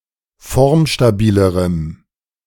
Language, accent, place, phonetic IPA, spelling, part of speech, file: German, Germany, Berlin, [ˈfɔʁmʃtaˌbiːləʁəm], formstabilerem, adjective, De-formstabilerem.ogg
- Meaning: strong dative masculine/neuter singular comparative degree of formstabil